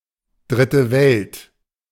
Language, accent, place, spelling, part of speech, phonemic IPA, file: German, Germany, Berlin, Dritte Welt, proper noun, /ˈdʁɪtə vɛlt/, De-Dritte Welt.ogg
- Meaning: Third World